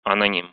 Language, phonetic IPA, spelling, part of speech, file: Russian, [ɐnɐˈnʲim], аноним, noun, Ru-анони́м.ogg
- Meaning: anonymous, especially anonymous author